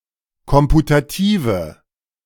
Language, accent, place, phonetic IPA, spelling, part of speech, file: German, Germany, Berlin, [ˈkɔmputatiːvə], komputative, adjective, De-komputative.ogg
- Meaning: inflection of komputativ: 1. strong/mixed nominative/accusative feminine singular 2. strong nominative/accusative plural 3. weak nominative all-gender singular